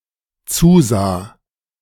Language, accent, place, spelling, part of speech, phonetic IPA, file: German, Germany, Berlin, zusah, verb, [ˈt͡suːˌzaː], De-zusah.ogg
- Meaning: first/third-person singular dependent preterite of zusehen